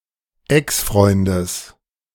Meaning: genitive of Exfreund
- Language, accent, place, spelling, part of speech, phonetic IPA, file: German, Germany, Berlin, Exfreundes, noun, [ˈɛksˌfʁɔɪ̯ndəs], De-Exfreundes.ogg